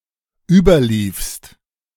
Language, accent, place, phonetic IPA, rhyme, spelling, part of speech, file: German, Germany, Berlin, [ˈyːbɐˌliːfst], -yːbɐliːfst, überliefst, verb, De-überliefst.ogg
- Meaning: second-person singular dependent preterite of überlaufen